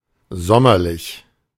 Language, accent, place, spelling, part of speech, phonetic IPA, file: German, Germany, Berlin, sommerlich, adjective, [ˈzɔmɐlɪç], De-sommerlich.ogg
- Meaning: summerlike, summerly, summery